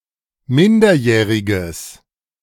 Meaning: strong/mixed nominative/accusative neuter singular of minderjährig
- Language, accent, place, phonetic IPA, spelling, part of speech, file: German, Germany, Berlin, [ˈmɪndɐˌjɛːʁɪɡəs], minderjähriges, adjective, De-minderjähriges.ogg